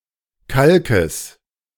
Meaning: genitive of Kalk
- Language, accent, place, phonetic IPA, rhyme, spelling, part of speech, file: German, Germany, Berlin, [ˈkalkəs], -alkəs, Kalkes, noun, De-Kalkes.ogg